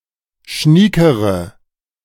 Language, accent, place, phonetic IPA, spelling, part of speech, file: German, Germany, Berlin, [ˈʃniːkəʁə], schniekere, adjective, De-schniekere.ogg
- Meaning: inflection of schnieke: 1. strong/mixed nominative/accusative feminine singular comparative degree 2. strong nominative/accusative plural comparative degree